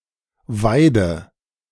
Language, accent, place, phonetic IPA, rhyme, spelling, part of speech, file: German, Germany, Berlin, [ˈvaɪ̯də], -aɪ̯də, weide, verb, De-weide.ogg
- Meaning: inflection of weiden: 1. first-person singular present 2. first/third-person singular subjunctive I 3. singular imperative